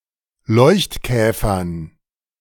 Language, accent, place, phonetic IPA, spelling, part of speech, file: German, Germany, Berlin, [ˈlɔɪ̯çtˌkɛːfɐn], Leuchtkäfern, noun, De-Leuchtkäfern.ogg
- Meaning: dative plural of Leuchtkäfer